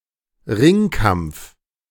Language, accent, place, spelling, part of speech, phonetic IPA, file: German, Germany, Berlin, Ringkampf, noun, [ˈʁɪŋˌkamp͡f], De-Ringkampf.ogg
- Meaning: wrestling match